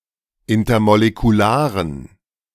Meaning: inflection of intermolekular: 1. strong genitive masculine/neuter singular 2. weak/mixed genitive/dative all-gender singular 3. strong/weak/mixed accusative masculine singular 4. strong dative plural
- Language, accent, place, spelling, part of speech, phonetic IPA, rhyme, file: German, Germany, Berlin, intermolekularen, adjective, [ˌɪntɐmolekuˈlaːʁən], -aːʁən, De-intermolekularen.ogg